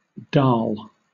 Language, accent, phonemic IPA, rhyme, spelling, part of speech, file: English, Southern England, /dɑːl/, -ɑːl, dal, noun, LL-Q1860 (eng)-dal.wav
- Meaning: 1. Any of many dried husked pulses (legume), including peas, beans and lentils 2. A dish made from lentils, cooked with spices, tomatoes and onions etc